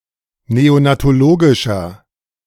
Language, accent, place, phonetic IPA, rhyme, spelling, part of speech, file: German, Germany, Berlin, [ˌneonatoˈloːɡɪʃɐ], -oːɡɪʃɐ, neonatologischer, adjective, De-neonatologischer.ogg
- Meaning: inflection of neonatologisch: 1. strong/mixed nominative masculine singular 2. strong genitive/dative feminine singular 3. strong genitive plural